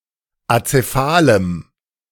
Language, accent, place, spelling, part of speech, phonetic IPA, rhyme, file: German, Germany, Berlin, azephalem, adjective, [at͡seˈfaːləm], -aːləm, De-azephalem.ogg
- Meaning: strong dative masculine/neuter singular of azephal